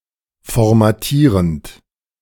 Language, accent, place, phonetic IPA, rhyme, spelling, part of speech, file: German, Germany, Berlin, [fɔʁmaˈtiːʁənt], -iːʁənt, formatierend, verb, De-formatierend.ogg
- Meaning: present participle of formatieren